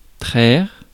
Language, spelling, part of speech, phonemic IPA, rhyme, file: French, traire, verb, /tʁɛʁ/, -ɛʁ, Fr-traire.ogg
- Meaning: to milk (a cow, etc)